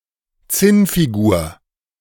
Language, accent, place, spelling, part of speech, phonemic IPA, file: German, Germany, Berlin, Zinnfigur, noun, /ˈt͡sɪnfiˌɡuːɐ̯/, De-Zinnfigur.ogg
- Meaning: tin (sometimes pewter, or lead) figure / figurine